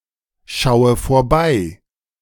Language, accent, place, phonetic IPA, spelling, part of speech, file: German, Germany, Berlin, [ˌʃaʊ̯ə foːɐ̯ˈbaɪ̯], schaue vorbei, verb, De-schaue vorbei.ogg
- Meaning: inflection of vorbeischauen: 1. first-person singular present 2. first/third-person singular subjunctive I 3. singular imperative